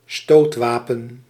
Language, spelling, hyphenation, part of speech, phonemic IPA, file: Dutch, stootwapen, stoot‧wa‧pen, noun, /ˈstoːtˌʋaː.pə(n)/, Nl-stootwapen.ogg
- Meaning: a weapon used for thrusting (may be both sharp or blunt)